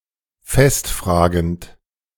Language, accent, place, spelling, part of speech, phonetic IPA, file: German, Germany, Berlin, festfragend, verb, [ˈfɛstˌfr̺aːɡənt], De-festfragend.ogg
- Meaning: present participle of festfragen